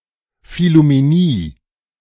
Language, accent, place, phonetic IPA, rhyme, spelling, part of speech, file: German, Germany, Berlin, [fɪlumeˈniː], -iː, Phillumenie, noun, De-Phillumenie.ogg
- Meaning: phillumeny